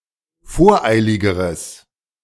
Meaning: strong/mixed nominative/accusative neuter singular comparative degree of voreilig
- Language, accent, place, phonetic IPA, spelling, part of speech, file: German, Germany, Berlin, [ˈfoːɐ̯ˌʔaɪ̯lɪɡəʁəs], voreiligeres, adjective, De-voreiligeres.ogg